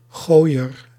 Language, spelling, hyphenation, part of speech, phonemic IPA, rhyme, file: Dutch, gooier, gooi‧er, noun, /ˈɣoːi̯.ər/, -oːi̯ər, Nl-gooier.ogg
- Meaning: thrower, one who throws